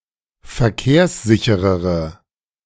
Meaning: inflection of verkehrssicher: 1. strong/mixed nominative/accusative feminine singular 2. strong nominative/accusative plural 3. weak nominative all-gender singular
- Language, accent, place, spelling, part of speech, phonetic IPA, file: German, Germany, Berlin, verkehrssichere, adjective, [fɛɐ̯ˈkeːɐ̯sˌzɪçəʁə], De-verkehrssichere.ogg